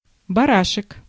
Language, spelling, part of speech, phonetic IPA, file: Russian, барашек, noun, [bɐˈraʂɨk], Ru-барашек.ogg
- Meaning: 1. endearing diminutive of бара́н (barán): little sheep, little ram, lamb 2. lambskin 3. wing nut, thumbscrew